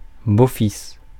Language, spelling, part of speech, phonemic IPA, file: French, beau-fils, noun, /bo.fis/, Fr-beau-fils.ogg
- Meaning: 1. a stepson, a son of the present spouse of its remarried parent 2. a son-in-law, the husband of one's daughter or son